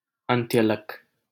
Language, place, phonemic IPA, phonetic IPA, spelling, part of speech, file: Hindi, Delhi, /ən.t̪jə.lək/, [ɐ̃n̪.t̪jɐ.lɐk], अंत्यलक, noun, LL-Q1568 (hin)-अंत्यलक.wav
- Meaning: telomere